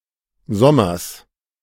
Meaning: genitive singular of Sommer
- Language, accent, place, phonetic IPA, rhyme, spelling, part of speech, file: German, Germany, Berlin, [ˈzɔmɐs], -ɔmɐs, Sommers, proper noun / noun, De-Sommers.ogg